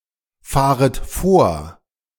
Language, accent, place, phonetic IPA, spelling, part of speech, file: German, Germany, Berlin, [ˌfaːʁət ˈfoːɐ̯], fahret vor, verb, De-fahret vor.ogg
- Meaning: second-person plural subjunctive I of vorfahren